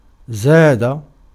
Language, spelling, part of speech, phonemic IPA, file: Arabic, زاد, verb, /zaː.da/, Ar-زاد.ogg
- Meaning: 1. to become greater, become more, grow, increase 2. to be greater, exceed, go beyond 3. to increase, augment, enlarge 4. to elaborate, to add say more, comment further 5. to supply, provide